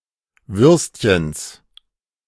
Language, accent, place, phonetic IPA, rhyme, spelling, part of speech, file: German, Germany, Berlin, [ˈvʏʁstçəns], -ʏʁstçəns, Würstchens, noun, De-Würstchens.ogg
- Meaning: genitive singular of Würstchen